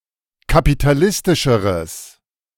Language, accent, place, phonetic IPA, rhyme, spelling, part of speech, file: German, Germany, Berlin, [kapitaˈlɪstɪʃəʁəs], -ɪstɪʃəʁəs, kapitalistischeres, adjective, De-kapitalistischeres.ogg
- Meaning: strong/mixed nominative/accusative neuter singular comparative degree of kapitalistisch